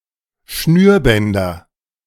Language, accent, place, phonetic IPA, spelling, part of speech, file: German, Germany, Berlin, [ˈʃnyːɐ̯ˌbɛndɐ], Schnürbänder, noun, De-Schnürbänder.ogg
- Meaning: nominative/accusative/genitive plural of Schnürband